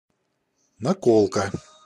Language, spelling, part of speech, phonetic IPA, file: Russian, наколка, noun, [nɐˈkoɫkə], Ru-наколка.ogg
- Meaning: 1. headdress 2. tattoo 3. trick, ruse, practical joke